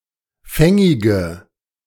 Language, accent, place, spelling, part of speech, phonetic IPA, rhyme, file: German, Germany, Berlin, fängige, adjective, [ˈfɛŋɪɡə], -ɛŋɪɡə, De-fängige.ogg
- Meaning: inflection of fängig: 1. strong/mixed nominative/accusative feminine singular 2. strong nominative/accusative plural 3. weak nominative all-gender singular 4. weak accusative feminine/neuter singular